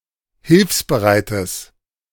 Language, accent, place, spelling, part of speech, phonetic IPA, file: German, Germany, Berlin, hilfsbereites, adjective, [ˈhɪlfsbəˌʁaɪ̯təs], De-hilfsbereites.ogg
- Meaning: strong/mixed nominative/accusative neuter singular of hilfsbereit